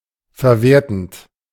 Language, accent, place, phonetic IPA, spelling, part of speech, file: German, Germany, Berlin, [fɛɐ̯ˈveːɐ̯tn̩t], verwertend, verb, De-verwertend.ogg
- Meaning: present participle of verwerten